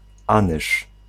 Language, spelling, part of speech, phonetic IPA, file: Polish, anyż, noun, [ˈãnɨʃ], Pl-anyż.ogg